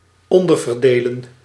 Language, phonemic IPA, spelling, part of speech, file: Dutch, /ˈɔndərvərˌdelə(n)/, onderverdelen, verb, Nl-onderverdelen.ogg
- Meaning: to subdivide